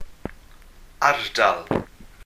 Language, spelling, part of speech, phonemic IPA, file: Welsh, ardal, noun, /ˈardal/, Cy-ardal.ogg
- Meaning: area, district